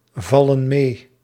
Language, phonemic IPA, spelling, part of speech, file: Dutch, /ˈvɑlə(n) ˈme/, vallen mee, verb, Nl-vallen mee.ogg
- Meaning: inflection of meevallen: 1. plural present indicative 2. plural present subjunctive